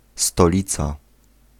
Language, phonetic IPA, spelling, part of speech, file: Polish, [stɔˈlʲit͡sa], stolica, noun, Pl-stolica.ogg